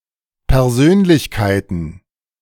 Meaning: plural of Persönlichkeit
- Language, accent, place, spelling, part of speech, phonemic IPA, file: German, Germany, Berlin, Persönlichkeiten, noun, /pɛʁˈzøːnlɪçˌkaɪ̯tən/, De-Persönlichkeiten.ogg